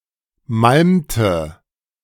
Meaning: inflection of malmen: 1. first/third-person singular preterite 2. first/third-person singular subjunctive II
- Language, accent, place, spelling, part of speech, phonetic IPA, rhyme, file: German, Germany, Berlin, malmte, verb, [ˈmalmtə], -almtə, De-malmte.ogg